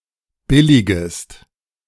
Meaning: second-person singular subjunctive I of billigen
- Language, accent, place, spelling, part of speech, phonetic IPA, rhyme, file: German, Germany, Berlin, billigest, verb, [ˈbɪlɪɡəst], -ɪlɪɡəst, De-billigest.ogg